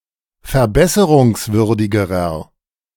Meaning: inflection of verbesserungswürdig: 1. strong/mixed nominative masculine singular comparative degree 2. strong genitive/dative feminine singular comparative degree
- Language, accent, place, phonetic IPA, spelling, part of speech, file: German, Germany, Berlin, [fɛɐ̯ˈbɛsəʁʊŋsˌvʏʁdɪɡəʁɐ], verbesserungswürdigerer, adjective, De-verbesserungswürdigerer.ogg